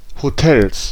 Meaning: plural of Hotel
- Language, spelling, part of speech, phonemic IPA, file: German, Hotels, noun, /hoˈtɛls/, De-Hotels.ogg